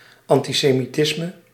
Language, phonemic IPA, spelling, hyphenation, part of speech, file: Dutch, /ˌɑn.ti.seː.miˈtɪs.mə/, antisemitisme, an‧ti‧se‧mi‧tis‧me, noun, Nl-antisemitisme.ogg
- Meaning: antisemitism